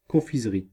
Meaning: 1. candy store, confectioner's 2. confectionery area of store 3. candy, sweets, or some other candied or preserved food item
- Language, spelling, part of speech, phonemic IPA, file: French, confiserie, noun, /kɔ̃.fiz.ʁi/, Fr-confiserie.ogg